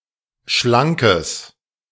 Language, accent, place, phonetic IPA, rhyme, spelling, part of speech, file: German, Germany, Berlin, [ˈʃlaŋkəs], -aŋkəs, schlankes, adjective, De-schlankes.ogg
- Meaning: strong/mixed nominative/accusative neuter singular of schlank